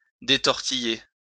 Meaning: 1. "to untwist; to unravel" 2. "to become untwisted; to unravel"
- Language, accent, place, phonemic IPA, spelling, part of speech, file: French, France, Lyon, /de.tɔʁ.ti.je/, détortiller, verb, LL-Q150 (fra)-détortiller.wav